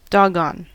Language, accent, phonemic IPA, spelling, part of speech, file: English, US, /ˈdɑɡ.ɑn/, doggone, adjective / interjection / verb, En-us-doggone.ogg
- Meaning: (adjective) Euphemistic form of goddamned; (interjection) Euphemistic form of goddamned, an expression of anger or annoyance; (verb) To damn; to curse